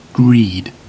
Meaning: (noun) A selfish or excessive desire for more than is needed or deserved, especially of money, wealth, food, or other possessions; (verb) To desire in a greedy manner, or to act on such a desire
- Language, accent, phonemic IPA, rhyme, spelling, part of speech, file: English, UK, /ɡɹiːd/, -iːd, greed, noun / verb, En-uk-greed.ogg